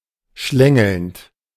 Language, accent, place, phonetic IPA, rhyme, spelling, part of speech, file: German, Germany, Berlin, [ˈʃlɛŋl̩nt], -ɛŋl̩nt, schlängelnd, adjective / verb, De-schlängelnd.ogg
- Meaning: present participle of schlängeln